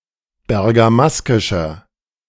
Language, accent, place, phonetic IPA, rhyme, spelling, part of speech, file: German, Germany, Berlin, [bɛʁɡaˈmaskɪʃɐ], -askɪʃɐ, bergamaskischer, adjective, De-bergamaskischer.ogg
- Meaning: inflection of bergamaskisch: 1. strong/mixed nominative masculine singular 2. strong genitive/dative feminine singular 3. strong genitive plural